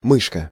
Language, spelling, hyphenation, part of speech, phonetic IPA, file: Russian, мышка, мыш‧ка, noun, [ˈmɨʂkə], Ru-мышка.ogg
- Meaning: 1. diminutive of мышь (myšʹ) 2. mouse 3. armpit